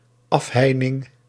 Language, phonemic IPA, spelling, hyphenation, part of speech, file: Dutch, /ˈɑfˌɦɛi̯.nɪŋ/, afheining, af‧hei‧ning, noun, Nl-afheining.ogg
- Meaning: 1. the activity of closing off 2. fence, barrier